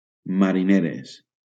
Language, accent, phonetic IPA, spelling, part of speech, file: Catalan, Valencia, [ma.ɾiˈne.ɾes], marineres, adjective / noun, LL-Q7026 (cat)-marineres.wav
- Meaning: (adjective) feminine plural of mariner; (noun) plural of marinera